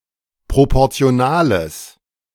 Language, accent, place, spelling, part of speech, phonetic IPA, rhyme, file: German, Germany, Berlin, proportionales, adjective, [ˌpʁopɔʁt͡si̯oˈnaːləs], -aːləs, De-proportionales.ogg
- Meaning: strong/mixed nominative/accusative neuter singular of proportional